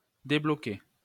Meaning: 1. to unblock 2. to unlock (release, make available) 3. to be out of one's mind
- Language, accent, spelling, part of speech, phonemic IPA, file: French, France, débloquer, verb, /de.blɔ.ke/, LL-Q150 (fra)-débloquer.wav